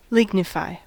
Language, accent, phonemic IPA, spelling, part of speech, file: English, US, /ˈlɪɡnɪfaɪ/, lignify, verb, En-us-lignify.ogg
- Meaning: 1. To become wood 2. To develop woody tissue as a result of incrustation of lignin during secondary growth 3. To become rigid or fixed, like something made of wood